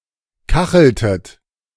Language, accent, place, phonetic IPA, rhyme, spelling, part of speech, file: German, Germany, Berlin, [ˈkaxl̩tət], -axl̩tət, kacheltet, verb, De-kacheltet.ogg
- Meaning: inflection of kacheln: 1. second-person plural preterite 2. second-person plural subjunctive II